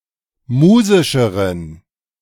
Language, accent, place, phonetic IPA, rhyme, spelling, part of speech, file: German, Germany, Berlin, [ˈmuːzɪʃəʁən], -uːzɪʃəʁən, musischeren, adjective, De-musischeren.ogg
- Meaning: inflection of musisch: 1. strong genitive masculine/neuter singular comparative degree 2. weak/mixed genitive/dative all-gender singular comparative degree